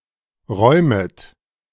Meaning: second-person plural subjunctive I of räumen
- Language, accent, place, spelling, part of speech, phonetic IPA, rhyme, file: German, Germany, Berlin, räumet, verb, [ˈʁɔɪ̯mət], -ɔɪ̯mət, De-räumet.ogg